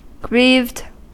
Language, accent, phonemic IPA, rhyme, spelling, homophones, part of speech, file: English, US, /ɡɹiːvd/, -iːvd, grieved, greaved, verb / adjective, En-us-grieved.ogg
- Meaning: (verb) simple past and past participle of grieve; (adjective) Very sad or distressed, sorely upset